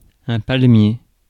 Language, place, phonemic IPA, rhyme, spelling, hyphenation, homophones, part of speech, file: French, Paris, /pal.mje/, -je, palmier, pal‧mier, palmiers, noun, Fr-palmier.ogg
- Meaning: 1. palm, palm tree 2. palmier (biscuit)